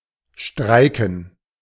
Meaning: 1. to strike (to stop working in protest) 2. to refuse to cooperate or participate (of a person); to stop working (of a machine)
- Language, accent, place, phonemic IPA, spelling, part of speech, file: German, Germany, Berlin, /ˈʃtʁaɪ̯kən/, streiken, verb, De-streiken.ogg